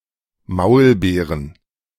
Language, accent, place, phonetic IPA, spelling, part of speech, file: German, Germany, Berlin, [ˈmaʊ̯lˌbeːʁən], Maulbeeren, noun, De-Maulbeeren.ogg
- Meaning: plural of Maulbeere